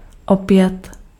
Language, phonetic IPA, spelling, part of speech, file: Czech, [ˈopjɛt], opět, adverb / verb, Cs-opět.ogg
- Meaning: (adverb) again; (verb) perfective form of opěvovat